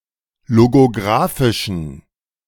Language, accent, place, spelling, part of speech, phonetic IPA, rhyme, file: German, Germany, Berlin, logographischen, adjective, [loɡoˈɡʁaːfɪʃn̩], -aːfɪʃn̩, De-logographischen.ogg
- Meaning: inflection of logographisch: 1. strong genitive masculine/neuter singular 2. weak/mixed genitive/dative all-gender singular 3. strong/weak/mixed accusative masculine singular 4. strong dative plural